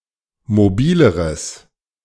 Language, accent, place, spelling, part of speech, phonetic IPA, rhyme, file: German, Germany, Berlin, mobileres, adjective, [moˈbiːləʁəs], -iːləʁəs, De-mobileres.ogg
- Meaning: strong/mixed nominative/accusative neuter singular comparative degree of mobil